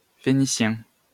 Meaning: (adjective) Phoenician; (noun) Phoenician language
- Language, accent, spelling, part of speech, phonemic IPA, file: French, France, phénicien, adjective / noun, /fe.ni.sjɛ̃/, LL-Q150 (fra)-phénicien.wav